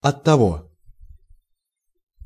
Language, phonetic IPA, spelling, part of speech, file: Russian, [ɐtːɐˈvo], оттого, adverb, Ru-оттого.ogg
- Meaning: therefore, that's why (also оттого́ и (ottovó i))